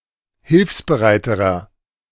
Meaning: inflection of hilfsbereit: 1. strong/mixed nominative masculine singular comparative degree 2. strong genitive/dative feminine singular comparative degree 3. strong genitive plural comparative degree
- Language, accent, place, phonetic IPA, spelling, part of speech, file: German, Germany, Berlin, [ˈhɪlfsbəˌʁaɪ̯təʁɐ], hilfsbereiterer, adjective, De-hilfsbereiterer.ogg